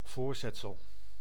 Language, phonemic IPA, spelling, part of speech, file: Dutch, /ˈvoːr.zɛt.səl/, voorzetsel, noun, Nl-voorzetsel.ogg
- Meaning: preposition